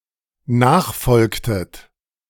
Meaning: inflection of nachfolgen: 1. second-person plural dependent preterite 2. second-person plural dependent subjunctive II
- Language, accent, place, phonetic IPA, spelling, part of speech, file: German, Germany, Berlin, [ˈnaːxˌfɔlktət], nachfolgtet, verb, De-nachfolgtet.ogg